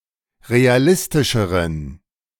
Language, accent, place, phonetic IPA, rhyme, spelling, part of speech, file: German, Germany, Berlin, [ʁeaˈlɪstɪʃəʁən], -ɪstɪʃəʁən, realistischeren, adjective, De-realistischeren.ogg
- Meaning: inflection of realistisch: 1. strong genitive masculine/neuter singular comparative degree 2. weak/mixed genitive/dative all-gender singular comparative degree